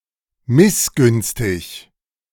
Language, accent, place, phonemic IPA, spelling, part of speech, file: German, Germany, Berlin, /ˈmɪsˌɡʏnstɪç/, missgünstig, adjective, De-missgünstig.ogg
- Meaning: resentful, jealous